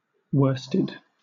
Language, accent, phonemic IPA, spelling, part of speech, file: English, Southern England, /ˈwəː.stɪd/, worsted, verb / adjective, LL-Q1860 (eng)-worsted.wav
- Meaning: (verb) simple past and past participle of worst; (adjective) Defeated, overcome